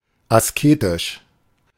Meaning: 1. ascetic 2. austere
- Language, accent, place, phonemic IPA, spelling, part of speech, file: German, Germany, Berlin, /asˈkeːtɪʃ/, asketisch, adjective, De-asketisch.ogg